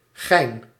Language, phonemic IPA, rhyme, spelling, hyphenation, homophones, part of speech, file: Dutch, /ɣɛi̯n/, -ɛi̯n, gijn, gijn, Gein / gein, noun, Nl-gijn.ogg
- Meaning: 1. a multiple-pulley block with three cheeks 2. a heavy tackle consisting of one or two of these blocks 3. obsolete form of gein